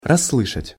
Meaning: to hear successfully, to catch
- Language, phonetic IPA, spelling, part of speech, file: Russian, [rɐsːˈɫɨʂətʲ], расслышать, verb, Ru-расслышать.ogg